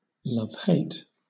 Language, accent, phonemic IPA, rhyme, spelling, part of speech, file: English, Southern England, /ˌlʌvˈheɪt/, -eɪt, love-hate, adjective / verb, LL-Q1860 (eng)-love-hate.wav
- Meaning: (adjective) Of a relationship: involving feelings of both love and hate, often simultaneously; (verb) To feel both love and hate (for someone or something), often simultaneously